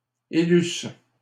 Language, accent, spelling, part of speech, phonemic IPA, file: French, Canada, élussent, verb, /e.lys/, LL-Q150 (fra)-élussent.wav
- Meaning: third-person plural imperfect subjunctive of élire